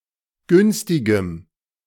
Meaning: strong dative masculine/neuter singular of günstig
- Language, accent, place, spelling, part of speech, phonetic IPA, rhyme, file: German, Germany, Berlin, günstigem, adjective, [ˈɡʏnstɪɡəm], -ʏnstɪɡəm, De-günstigem.ogg